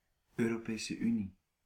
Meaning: European Union
- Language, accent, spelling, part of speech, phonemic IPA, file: Dutch, Belgium, Europese Unie, proper noun, /øː.roːˌpeː.sə ˈy.ni/, Nl-Europese Unie.ogg